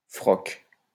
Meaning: 1. frock (clerical garment) 2. the clerical profession 3. pants; trousers
- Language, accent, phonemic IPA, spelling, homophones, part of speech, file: French, France, /fʁɔk/, froc, frocs, noun, LL-Q150 (fra)-froc.wav